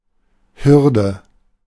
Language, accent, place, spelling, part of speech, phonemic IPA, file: German, Germany, Berlin, Hürde, noun, /ˈhʏrdə/, De-Hürde.ogg
- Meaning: hurdle: 1. obstacle for athletes 2. any obstacle to be overcome 3. mobile fencing element (formerly often of twigs, now more often other materials)